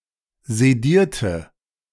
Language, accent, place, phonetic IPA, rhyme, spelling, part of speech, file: German, Germany, Berlin, [zeˈdiːɐ̯tə], -iːɐ̯tə, sedierte, adjective / verb, De-sedierte.ogg
- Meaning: inflection of sedieren: 1. first/third-person singular preterite 2. first/third-person singular subjunctive II